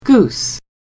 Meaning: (noun) Any of various grazing waterfowl of the family Anatidae, which have feathers and webbed feet and are capable of flying, swimming, and walking on land, and which are generally bigger than ducks
- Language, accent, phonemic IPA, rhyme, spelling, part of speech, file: English, General American, /ɡus/, -uːs, goose, noun / verb, En-us-goose.ogg